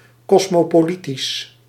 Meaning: cosmopolitan
- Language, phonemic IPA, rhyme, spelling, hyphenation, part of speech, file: Dutch, /ˌkɔs.moː.poːˈli.tis/, -itis, kosmopolitisch, kos‧mo‧po‧li‧tisch, adjective, Nl-kosmopolitisch.ogg